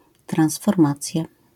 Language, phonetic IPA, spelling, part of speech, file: Polish, [ˌtrãw̃sfɔrˈmat͡sʲja], transformacja, noun, LL-Q809 (pol)-transformacja.wav